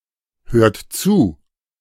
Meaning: inflection of zuhören: 1. third-person singular present 2. second-person plural present 3. plural imperative
- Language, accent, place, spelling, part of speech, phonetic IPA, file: German, Germany, Berlin, hört zu, verb, [ˌhøːɐ̯t ˈt͡suː], De-hört zu.ogg